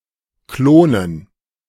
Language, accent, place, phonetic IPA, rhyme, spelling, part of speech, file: German, Germany, Berlin, [ˈkloːnən], -oːnən, klonen, verb, De-klonen.ogg
- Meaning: to clone